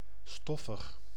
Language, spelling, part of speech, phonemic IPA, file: Dutch, stoffig, adjective, /ˈstɔfəx/, Nl-stoffig.ogg
- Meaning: dusty